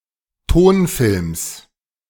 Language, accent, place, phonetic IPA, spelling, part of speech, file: German, Germany, Berlin, [ˈtoːnˌfɪlms], Tonfilms, noun, De-Tonfilms.ogg
- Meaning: genitive singular of Tonfilm